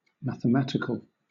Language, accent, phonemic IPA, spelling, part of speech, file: English, Southern England, /ˌmæθ(.ə)ˈmæt.ɪ.kəl/, mathematical, adjective, LL-Q1860 (eng)-mathematical.wav
- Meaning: 1. Of, or relating to mathematics 2. Extremely precise and accurate, as though having the exactness of a mathematical equation 3. Possible but highly improbable